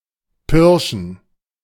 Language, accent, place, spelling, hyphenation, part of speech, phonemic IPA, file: German, Germany, Berlin, pirschen, pir‧schen, verb, /ˈpɪʁʃən/, De-pirschen.ogg
- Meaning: to stalk particularly game